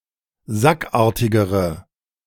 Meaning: inflection of sackartig: 1. strong/mixed nominative/accusative feminine singular comparative degree 2. strong nominative/accusative plural comparative degree
- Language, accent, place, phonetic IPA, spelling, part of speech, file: German, Germany, Berlin, [ˈzakˌʔaːɐ̯tɪɡəʁə], sackartigere, adjective, De-sackartigere.ogg